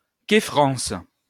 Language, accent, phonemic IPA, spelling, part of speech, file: French, France, /ke.fʁɑ̃s/, quéfrence, noun, LL-Q150 (fra)-quéfrence.wav
- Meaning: quefrency